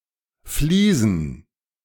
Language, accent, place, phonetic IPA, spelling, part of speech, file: German, Germany, Berlin, [fliːsn̩], Vliesen, noun, De-Vliesen.ogg
- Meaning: dative plural of Vlies